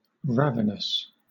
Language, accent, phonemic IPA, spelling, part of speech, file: English, Southern England, /ˈɹævənəs/, ravenous, adjective, LL-Q1860 (eng)-ravenous.wav
- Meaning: 1. Very hungry 2. Greedy, characterized by strong desires